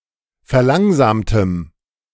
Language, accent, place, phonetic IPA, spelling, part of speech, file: German, Germany, Berlin, [fɛɐ̯ˈlaŋzaːmtəm], verlangsamtem, adjective, De-verlangsamtem.ogg
- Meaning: strong dative masculine/neuter singular of verlangsamt